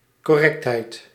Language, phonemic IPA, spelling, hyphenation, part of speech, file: Dutch, /ˌkɔˈrɛkt.ɦɛi̯t/, correctheid, cor‧rect‧heid, noun, Nl-correctheid.ogg
- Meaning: correctness